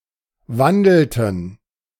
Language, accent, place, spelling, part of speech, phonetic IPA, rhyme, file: German, Germany, Berlin, wandelten, verb, [ˈvandl̩tn̩], -andl̩tn̩, De-wandelten.ogg
- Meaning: inflection of wandeln: 1. first/third-person plural preterite 2. first/third-person plural subjunctive II